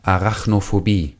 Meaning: arachnophobia
- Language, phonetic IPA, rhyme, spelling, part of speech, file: German, [aʁaxnofoˈbiː], -iː, Arachnophobie, noun, De-Arachnophobie.ogg